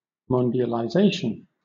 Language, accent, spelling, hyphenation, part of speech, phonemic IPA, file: English, Southern England, mundialization, mun‧di‧al‧i‧za‧tion, noun, /ˌmɒn.dɪ.ə.lʌɪˈzeɪ.ʃn̩/, LL-Q1860 (eng)-mundialization.wav
- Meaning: An ideology based on the solidarity and diversity of global citizens and the creation of supranational laws, intended as a response to dehumanizing aspects of globalization